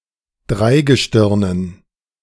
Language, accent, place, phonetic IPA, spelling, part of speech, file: German, Germany, Berlin, [ˈdʁaɪ̯ɡəˌʃtɪʁnən], Dreigestirnen, noun, De-Dreigestirnen.ogg
- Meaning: dative plural of Dreigestirn